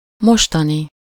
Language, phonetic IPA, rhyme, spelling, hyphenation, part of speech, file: Hungarian, [ˈmoʃtɒni], -ni, mostani, mos‧ta‧ni, adjective / noun, Hu-mostani.ogg
- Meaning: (adjective) current, present, today's; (noun) people living now, in the present